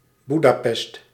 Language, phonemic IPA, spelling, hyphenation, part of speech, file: Dutch, /ˈbu.daːˌpɛst/, Boedapest, Boe‧da‧pest, proper noun, Nl-Boedapest.ogg
- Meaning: Budapest (the capital city of Hungary)